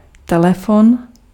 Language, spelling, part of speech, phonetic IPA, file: Czech, telefon, noun, [ˈtɛlɛfon], Cs-telefon.ogg
- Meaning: phone, telephone